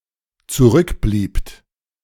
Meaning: second-person plural dependent preterite of zurückbleiben
- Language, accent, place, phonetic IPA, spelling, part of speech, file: German, Germany, Berlin, [t͡suˈʁʏkˌbliːpt], zurückbliebt, verb, De-zurückbliebt.ogg